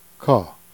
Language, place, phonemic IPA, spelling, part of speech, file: Jèrriais, Jersey, /ka/, cat, noun, Jer-cat.ogg
- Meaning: 1. cat 2. common dab (Limanda limanda)